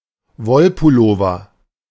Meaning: woolen pullover, woolen sweater, woolen jumper
- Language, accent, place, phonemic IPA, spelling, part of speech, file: German, Germany, Berlin, /ˈvɔlpʊloːvɐ/, Wollpullover, noun, De-Wollpullover.ogg